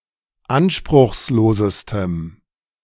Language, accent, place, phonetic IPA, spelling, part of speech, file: German, Germany, Berlin, [ˈanʃpʁʊxsˌloːzəstəm], anspruchslosestem, adjective, De-anspruchslosestem.ogg
- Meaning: strong dative masculine/neuter singular superlative degree of anspruchslos